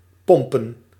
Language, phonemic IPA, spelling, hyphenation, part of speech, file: Dutch, /ˈpɔm.pə(n)/, pompen, pom‧pen, verb / noun, Nl-pompen.ogg
- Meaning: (verb) 1. to pump 2. to fuck, to bang; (noun) plural of pomp